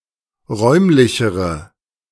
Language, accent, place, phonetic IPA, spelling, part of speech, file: German, Germany, Berlin, [ˈʁɔɪ̯mlɪçəʁə], räumlichere, adjective, De-räumlichere.ogg
- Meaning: inflection of räumlich: 1. strong/mixed nominative/accusative feminine singular comparative degree 2. strong nominative/accusative plural comparative degree